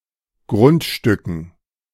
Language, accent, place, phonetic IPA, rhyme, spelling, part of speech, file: German, Germany, Berlin, [ˈɡʁʊntˌʃtʏkn̩], -ʊntʃtʏkn̩, Grundstücken, noun, De-Grundstücken.ogg
- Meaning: dative plural of Grundstück